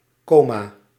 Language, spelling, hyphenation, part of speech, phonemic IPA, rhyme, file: Dutch, coma, co‧ma, noun, /ˈkoː.maː/, -oːmaː, Nl-coma.ogg
- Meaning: 1. coma (state of unconsciousness) 2. coma (head of a comet)